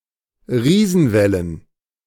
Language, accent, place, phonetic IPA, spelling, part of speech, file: German, Germany, Berlin, [ˈʁiːzn̩ˌvɛlən], Riesenwellen, noun, De-Riesenwellen.ogg
- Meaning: plural of Riesenwelle